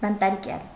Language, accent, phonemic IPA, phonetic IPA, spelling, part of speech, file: Armenian, Eastern Armenian, /bɑntɑɾˈkjɑl/, [bɑntɑɾkjɑ́l], բանտարկյալ, noun, Hy-բանտարկյալ.oga
- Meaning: prisoner